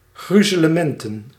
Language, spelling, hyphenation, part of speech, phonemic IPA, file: Dutch, gruzelementen, gru‧ze‧le‧men‧ten, noun, /ˈɣryzələˈmɛntə(n)/, Nl-gruzelementen.ogg
- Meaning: smithereens (fragments or splintered pieces; numerous tiny disconnected items)